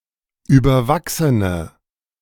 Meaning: inflection of überwachsen: 1. strong/mixed nominative/accusative feminine singular 2. strong nominative/accusative plural 3. weak nominative all-gender singular
- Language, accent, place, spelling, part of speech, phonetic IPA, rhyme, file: German, Germany, Berlin, überwachsene, adjective, [ˌyːbɐˈvaksənə], -aksənə, De-überwachsene.ogg